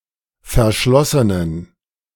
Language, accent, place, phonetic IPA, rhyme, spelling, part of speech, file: German, Germany, Berlin, [fɛɐ̯ˈʃlɔsənən], -ɔsənən, verschlossenen, adjective, De-verschlossenen.ogg
- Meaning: inflection of verschlossen: 1. strong genitive masculine/neuter singular 2. weak/mixed genitive/dative all-gender singular 3. strong/weak/mixed accusative masculine singular 4. strong dative plural